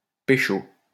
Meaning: 1. to nab, to bust, to catch in the act 2. to score with, to hook up with, to pull, to pick up (to have sex) 3. to make out with, to kiss 4. to seduce, to flirt with 5. to obtain drugs, to score drugs
- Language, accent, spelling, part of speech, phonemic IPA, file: French, France, pécho, verb, /pe.ʃo/, LL-Q150 (fra)-pécho.wav